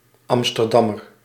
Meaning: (noun) Amsterdammer; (adjective) of or from Amsterdam
- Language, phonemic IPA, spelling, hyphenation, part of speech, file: Dutch, /ˌɑm.stərˈdɑ.mər/, Amsterdammer, Am‧ster‧dam‧mer, noun / adjective, Nl-Amsterdammer.ogg